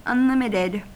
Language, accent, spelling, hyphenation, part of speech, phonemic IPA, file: English, US, unlimited, un‧lim‧it‧ed, adjective / verb, /ʌnˈlɪm.ɪ.tɪd/, En-us-unlimited.ogg
- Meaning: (adjective) Limitless or without bounds; unrestricted; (verb) simple past and past participle of unlimit